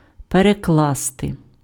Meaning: 1. to translate, to interpret 2. to shift (onto)
- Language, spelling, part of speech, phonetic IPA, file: Ukrainian, перекласти, verb, [pereˈkɫaste], Uk-перекласти.ogg